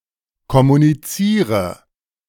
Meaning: inflection of kommunizieren: 1. first-person singular present 2. first/third-person singular subjunctive I 3. singular imperative
- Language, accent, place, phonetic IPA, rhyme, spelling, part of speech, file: German, Germany, Berlin, [kɔmuniˈt͡siːʁə], -iːʁə, kommuniziere, verb, De-kommuniziere.ogg